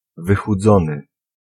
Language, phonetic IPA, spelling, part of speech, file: Polish, [ˌvɨxuˈd͡zɔ̃nɨ], wychudzony, adjective / verb, Pl-wychudzony.ogg